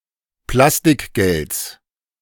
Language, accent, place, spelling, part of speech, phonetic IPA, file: German, Germany, Berlin, Plastikgelds, noun, [ˈplastɪkˌɡɛlt͡s], De-Plastikgelds.ogg
- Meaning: genitive singular of Plastikgeld